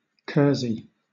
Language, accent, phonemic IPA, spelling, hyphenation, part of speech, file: English, Southern England, /ˈkɜːzi/, kersey, ker‧sey, noun, LL-Q1860 (eng)-kersey.wav
- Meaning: A type of rough woollen cloth